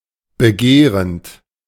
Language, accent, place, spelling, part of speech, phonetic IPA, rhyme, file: German, Germany, Berlin, begehrend, verb, [bəˈɡeːʁənt], -eːʁənt, De-begehrend.ogg
- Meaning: present participle of begehren